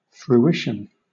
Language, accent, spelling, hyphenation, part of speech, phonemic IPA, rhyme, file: English, Southern England, fruition, fru‧ition, noun, /fɹuˈɪʃən/, -ɪʃən, LL-Q1860 (eng)-fruition.wav
- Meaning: 1. The fulfillment of something worked for 2. The enjoyment derived from a possession 3. The condition of bearing fruit